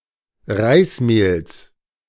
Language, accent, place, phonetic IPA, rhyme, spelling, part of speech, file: German, Germany, Berlin, [ˈʁaɪ̯sˌmeːls], -aɪ̯smeːls, Reismehls, noun, De-Reismehls.ogg
- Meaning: genitive singular of Reismehl